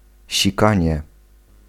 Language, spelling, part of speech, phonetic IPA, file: Polish, sikanie, noun, [ɕiˈkãɲɛ], Pl-sikanie.ogg